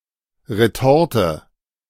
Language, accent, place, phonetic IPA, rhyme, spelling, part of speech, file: German, Germany, Berlin, [ʁeˈtɔʁtə], -ɔʁtə, Retorte, noun, De-Retorte.ogg
- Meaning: retort